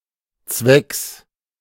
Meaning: genitive singular of Zweck
- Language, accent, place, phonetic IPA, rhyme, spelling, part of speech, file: German, Germany, Berlin, [t͡svɛks], -ɛks, Zwecks, noun, De-Zwecks.ogg